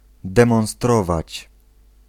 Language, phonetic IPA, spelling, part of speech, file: Polish, [ˌdɛ̃mɔ̃w̃ˈstrɔvat͡ɕ], demonstrować, verb, Pl-demonstrować.ogg